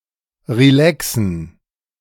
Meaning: to relax
- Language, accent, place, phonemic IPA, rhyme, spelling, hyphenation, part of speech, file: German, Germany, Berlin, /ʁiˈlɛksn̩/, -ɛksn̩, relaxen, re‧la‧xen, verb, De-relaxen.ogg